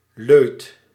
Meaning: 1. fun, pleasure 2. coffee 3. frequent drinker of a certain beverage
- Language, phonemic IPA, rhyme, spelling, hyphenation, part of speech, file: Dutch, /løːt/, -øːt, leut, leut, noun, Nl-leut.ogg